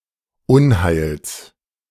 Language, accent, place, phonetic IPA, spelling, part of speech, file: German, Germany, Berlin, [ˈʊnˌhaɪ̯ls], Unheils, noun, De-Unheils.ogg
- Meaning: genitive of Unheil